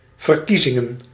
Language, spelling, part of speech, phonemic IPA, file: Dutch, verkiezingen, noun, /vərˈkizɪŋə(n)/, Nl-verkiezingen.ogg
- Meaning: plural of verkiezing